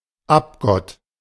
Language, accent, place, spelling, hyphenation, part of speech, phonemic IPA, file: German, Germany, Berlin, Abgott, Ab‧gott, noun, /ˈapˌɡɔt/, De-Abgott.ogg
- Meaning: a false god; an idol